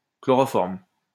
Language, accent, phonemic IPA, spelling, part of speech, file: French, France, /klɔ.ʁɔ.fɔʁm/, chloroforme, noun, LL-Q150 (fra)-chloroforme.wav
- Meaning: chloroform